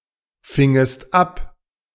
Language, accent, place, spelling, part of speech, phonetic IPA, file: German, Germany, Berlin, fingest ab, verb, [ˌfɪŋəst ˈap], De-fingest ab.ogg
- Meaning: second-person singular subjunctive II of abfangen